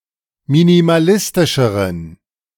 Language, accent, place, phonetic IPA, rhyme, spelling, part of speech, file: German, Germany, Berlin, [minimaˈlɪstɪʃəʁən], -ɪstɪʃəʁən, minimalistischeren, adjective, De-minimalistischeren.ogg
- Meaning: inflection of minimalistisch: 1. strong genitive masculine/neuter singular comparative degree 2. weak/mixed genitive/dative all-gender singular comparative degree